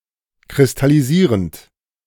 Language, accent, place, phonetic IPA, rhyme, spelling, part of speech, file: German, Germany, Berlin, [kʁɪstaliˈziːʁənt], -iːʁənt, kristallisierend, verb, De-kristallisierend.ogg
- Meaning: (verb) present participle of kristallisieren; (adjective) crystallizing